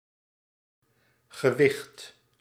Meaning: 1. weight 2. a pair of antlers; an antler
- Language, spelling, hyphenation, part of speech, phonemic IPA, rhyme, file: Dutch, gewicht, ge‧wicht, noun, /ɣəˈʋɪxt/, -ɪxt, Nl-gewicht.ogg